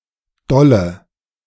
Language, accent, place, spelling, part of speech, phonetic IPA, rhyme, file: German, Germany, Berlin, dolle, adjective, [ˈdɔlə], -ɔlə, De-dolle.ogg
- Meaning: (adjective) inflection of doll: 1. strong/mixed nominative/accusative feminine singular 2. strong nominative/accusative plural 3. weak nominative all-gender singular